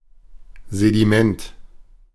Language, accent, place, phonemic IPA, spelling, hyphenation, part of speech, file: German, Germany, Berlin, /zediˈmɛnt/, Sediment, Se‧di‧ment, noun, De-Sediment.ogg
- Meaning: sediment